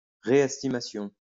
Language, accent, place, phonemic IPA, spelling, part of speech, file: French, France, Lyon, /ʁe.ɛs.ti.ma.sjɔ̃/, réestimation, noun, LL-Q150 (fra)-réestimation.wav
- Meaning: reestimation